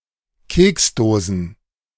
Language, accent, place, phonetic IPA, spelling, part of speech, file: German, Germany, Berlin, [ˈkeːksˌdoːzn̩], Keksdosen, noun, De-Keksdosen.ogg
- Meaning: plural of Keksdose